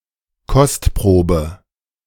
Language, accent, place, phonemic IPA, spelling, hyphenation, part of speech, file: German, Germany, Berlin, /ˈkɔstˌpʁoːbə/, Kostprobe, Kost‧pro‧be, noun, De-Kostprobe2.ogg
- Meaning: sample